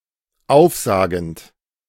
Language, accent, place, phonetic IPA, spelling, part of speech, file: German, Germany, Berlin, [ˈaʊ̯fˌzaːɡn̩t], aufsagend, verb, De-aufsagend.ogg
- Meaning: present participle of aufsagen